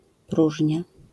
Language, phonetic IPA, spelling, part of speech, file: Polish, [ˈpruʒʲɲa], próżnia, noun, LL-Q809 (pol)-próżnia.wav